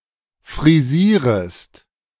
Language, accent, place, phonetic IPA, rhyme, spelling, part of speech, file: German, Germany, Berlin, [fʁiˈziːʁəst], -iːʁəst, frisierest, verb, De-frisierest.ogg
- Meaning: second-person singular subjunctive I of frisieren